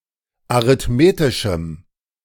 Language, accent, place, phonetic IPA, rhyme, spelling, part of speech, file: German, Germany, Berlin, [aʁɪtˈmeːtɪʃm̩], -eːtɪʃm̩, arithmetischem, adjective, De-arithmetischem.ogg
- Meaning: strong dative masculine/neuter singular of arithmetisch